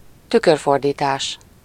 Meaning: loan translation, calque
- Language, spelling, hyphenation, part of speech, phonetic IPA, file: Hungarian, tükörfordítás, tü‧kör‧for‧dí‧tás, noun, [ˈtykørfordiːtaːʃ], Hu-tükörfordítás.ogg